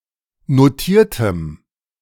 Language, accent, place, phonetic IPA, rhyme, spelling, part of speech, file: German, Germany, Berlin, [noˈtiːɐ̯təm], -iːɐ̯təm, notiertem, adjective, De-notiertem.ogg
- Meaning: strong dative masculine/neuter singular of notiert